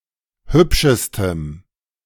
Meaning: strong dative masculine/neuter singular superlative degree of hübsch
- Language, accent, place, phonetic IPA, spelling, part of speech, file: German, Germany, Berlin, [ˈhʏpʃəstəm], hübschestem, adjective, De-hübschestem.ogg